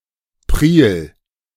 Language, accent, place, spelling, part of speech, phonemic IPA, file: German, Germany, Berlin, Priel, noun, /pʁiːl/, De-Priel.ogg
- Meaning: tidal creek